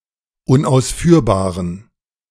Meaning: inflection of unausführbar: 1. strong genitive masculine/neuter singular 2. weak/mixed genitive/dative all-gender singular 3. strong/weak/mixed accusative masculine singular 4. strong dative plural
- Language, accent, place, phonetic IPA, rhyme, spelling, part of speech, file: German, Germany, Berlin, [ʊnʔaʊ̯sˈfyːɐ̯baːʁən], -yːɐ̯baːʁən, unausführbaren, adjective, De-unausführbaren.ogg